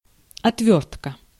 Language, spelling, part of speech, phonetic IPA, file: Russian, отвёртка, noun, [ɐtˈvʲɵrtkə], Ru-отвёртка.ogg
- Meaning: 1. screwdriver, turnscrew (tool) 2. screwdriver (a cocktail made with orange juice and vodka) 3. screwing off (action)